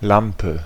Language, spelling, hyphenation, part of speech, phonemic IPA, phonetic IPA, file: German, Lampe, Lam‧pe, noun / proper noun, /ˈlampə/, [ˈlam.pʰə], De-Lampe.ogg
- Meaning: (noun) lamp, light (piece of furniture, or fixture mounted on a wall or ceiling, holding one or more electric light sockets)